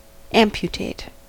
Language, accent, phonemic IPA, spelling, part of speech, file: English, US, /ˈæmpjʊteɪt/, amputate, verb, En-us-amputate.ogg
- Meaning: 1. To cut off, to prune 2. To surgically remove a part of the body, especially a limb